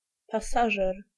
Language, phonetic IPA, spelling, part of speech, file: Polish, [paˈsaʒɛr], pasażer, noun, Pl-pasażer.ogg